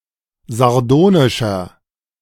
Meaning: 1. comparative degree of sardonisch 2. inflection of sardonisch: strong/mixed nominative masculine singular 3. inflection of sardonisch: strong genitive/dative feminine singular
- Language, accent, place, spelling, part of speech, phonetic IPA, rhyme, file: German, Germany, Berlin, sardonischer, adjective, [zaʁˈdoːnɪʃɐ], -oːnɪʃɐ, De-sardonischer.ogg